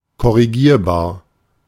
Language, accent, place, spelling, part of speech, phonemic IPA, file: German, Germany, Berlin, korrigierbar, adjective, /kɔʁiˈɡiːʁbaːɐ̯/, De-korrigierbar.ogg
- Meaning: correctable